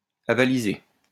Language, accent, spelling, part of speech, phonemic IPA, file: French, France, avaliser, verb, /a.va.li.ze/, LL-Q150 (fra)-avaliser.wav
- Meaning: 1. to back; to support 2. to endorse